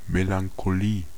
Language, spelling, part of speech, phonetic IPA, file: German, Melancholie, noun, [melaŋkoˈliː], De-Melancholie.ogg
- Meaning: melancholia (a deep sadness or depression)